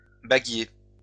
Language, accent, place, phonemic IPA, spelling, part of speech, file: French, France, Lyon, /ba.ɡje/, baguier, noun, LL-Q150 (fra)-baguier.wav
- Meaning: 1. a box used to store rings 2. a ring sizer (conical device)